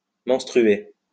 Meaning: to menstruate
- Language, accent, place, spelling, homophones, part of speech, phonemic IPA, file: French, France, Lyon, menstruer, menstrué / menstruée / menstruées / menstrués / menstruez, verb, /mɑ̃s.tʁy.e/, LL-Q150 (fra)-menstruer.wav